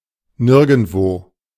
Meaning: nowhere (in no place)
- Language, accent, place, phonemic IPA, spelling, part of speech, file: German, Germany, Berlin, /ˈnɪʁɡn̩tvoː/, nirgendwo, adverb, De-nirgendwo.ogg